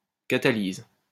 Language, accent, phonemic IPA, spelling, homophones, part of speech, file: French, France, /ka.ta.liz/, catalyse, catalyses, noun / verb, LL-Q150 (fra)-catalyse.wav
- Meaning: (noun) catalysis; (verb) inflection of catalyser: 1. first/third-person singular present indicative/subjunctive 2. second-person singular imperative